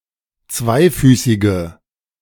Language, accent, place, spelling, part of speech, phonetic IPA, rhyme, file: German, Germany, Berlin, zweifüßige, adjective, [ˈt͡svaɪ̯ˌfyːsɪɡə], -aɪ̯fyːsɪɡə, De-zweifüßige.ogg
- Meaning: inflection of zweifüßig: 1. strong/mixed nominative/accusative feminine singular 2. strong nominative/accusative plural 3. weak nominative all-gender singular